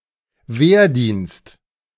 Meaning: military service, national service
- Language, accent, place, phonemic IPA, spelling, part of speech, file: German, Germany, Berlin, /ˈveːɐ̯ˌdiːnst/, Wehrdienst, noun, De-Wehrdienst.ogg